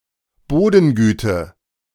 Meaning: soil quality
- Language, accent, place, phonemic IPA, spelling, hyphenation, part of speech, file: German, Germany, Berlin, /ˈboːdn̩ˌɡyːtə/, Bodengüte, Bo‧den‧gü‧te, noun, De-Bodengüte.ogg